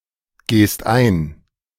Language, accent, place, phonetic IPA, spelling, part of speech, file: German, Germany, Berlin, [ˌɡeːst ˈaɪ̯n], gehst ein, verb, De-gehst ein.ogg
- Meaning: second-person singular present of eingehen